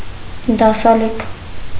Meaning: deserter
- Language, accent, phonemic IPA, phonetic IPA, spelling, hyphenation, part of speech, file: Armenian, Eastern Armenian, /dɑsɑˈlikʰ/, [dɑsɑlíkʰ], դասալիք, դա‧սա‧լիք, noun, Hy-դասալիք.ogg